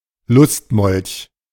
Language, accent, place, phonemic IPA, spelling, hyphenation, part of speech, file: German, Germany, Berlin, /ˈlʊst.mɔlç/, Lustmolch, Lust‧molch, noun, De-Lustmolch.ogg
- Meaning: lecher, sex fiend